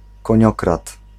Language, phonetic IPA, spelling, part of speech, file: Polish, [kɔ̃ˈɲɔkrat], koniokrad, noun, Pl-koniokrad.ogg